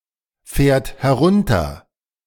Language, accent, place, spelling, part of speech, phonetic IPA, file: German, Germany, Berlin, fährt herunter, verb, [ˌfɛːɐ̯t hɛˈʁʊntɐ], De-fährt herunter.ogg
- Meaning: third-person singular present of herunterfahren